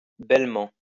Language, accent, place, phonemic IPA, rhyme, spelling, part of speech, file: French, France, Lyon, /bɛl.mɑ̃/, -ɑ̃, bellement, adverb, LL-Q150 (fra)-bellement.wav
- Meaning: beautifully